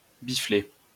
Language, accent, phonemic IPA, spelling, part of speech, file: French, France, /bi.fle/, biffler, verb, LL-Q150 (fra)-biffler.wav
- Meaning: to slap with a penis; to dickslap